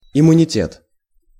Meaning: immunity
- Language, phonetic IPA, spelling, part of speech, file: Russian, [ɪmʊnʲɪˈtʲet], иммунитет, noun, Ru-иммунитет.ogg